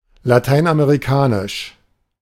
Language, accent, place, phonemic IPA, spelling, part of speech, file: German, Germany, Berlin, /laˈtaɪ̯nʔameʁiˌkaːnɪʃ/, lateinamerikanisch, adjective, De-lateinamerikanisch.ogg
- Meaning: Latin American